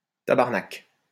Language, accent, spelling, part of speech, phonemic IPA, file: French, France, tabarnac, noun, /ta.baʁ.nak/, LL-Q150 (fra)-tabarnac.wav
- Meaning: alternative form of tabarnak